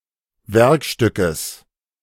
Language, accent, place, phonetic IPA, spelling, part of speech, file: German, Germany, Berlin, [ˈvɛʁkˌʃtʏkəs], Werkstückes, noun, De-Werkstückes.ogg
- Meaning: genitive singular of Werkstück